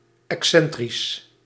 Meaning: eccentric
- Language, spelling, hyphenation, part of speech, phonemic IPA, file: Dutch, excentrisch, ex‧cen‧trisch, adjective, /ˌɛkˈsɛn.tris/, Nl-excentrisch.ogg